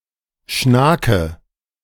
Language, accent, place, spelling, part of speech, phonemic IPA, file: German, Germany, Berlin, Schnake, noun, /ˈʃnaːkə/, De-Schnake.ogg
- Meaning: 1. cranefly (any of various large flies of the family Tipulidae) 2. mosquito